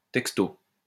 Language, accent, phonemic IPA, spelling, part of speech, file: French, France, /tɛk.sto/, texto, adverb / noun, LL-Q150 (fra)-texto.wav
- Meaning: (adverb) literally, word for word; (noun) text (SMS message)